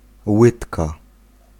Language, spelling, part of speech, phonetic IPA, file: Polish, łydka, noun, [ˈwɨtka], Pl-łydka.ogg